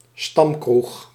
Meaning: a local bar
- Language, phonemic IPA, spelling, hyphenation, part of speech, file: Dutch, /ˈstɑm.krux/, stamkroeg, stam‧kroeg, noun, Nl-stamkroeg.ogg